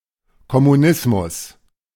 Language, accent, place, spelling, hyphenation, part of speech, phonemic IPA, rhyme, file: German, Germany, Berlin, Kommunismus, Kom‧mu‧nis‧mus, noun, /kɔmuˈnɪsmʊs/, -ɪsmʊs, De-Kommunismus.ogg
- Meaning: communism, Communism